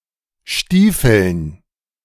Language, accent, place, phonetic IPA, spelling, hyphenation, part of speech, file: German, Germany, Berlin, [ˈʃtiːfl̩n], stiefeln, stie‧feln, verb, De-stiefeln.ogg
- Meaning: 1. to walk, march, especially stridingly, vigourously, or a long distance 2. to put on boots